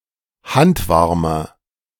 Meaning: inflection of handwarm: 1. strong/mixed nominative masculine singular 2. strong genitive/dative feminine singular 3. strong genitive plural
- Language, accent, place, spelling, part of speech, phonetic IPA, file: German, Germany, Berlin, handwarmer, adjective, [ˈhantˌvaʁmɐ], De-handwarmer.ogg